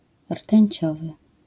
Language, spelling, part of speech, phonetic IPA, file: Polish, rtęciowy, adjective, [r̥tɛ̃ɲˈt͡ɕɔvɨ], LL-Q809 (pol)-rtęciowy.wav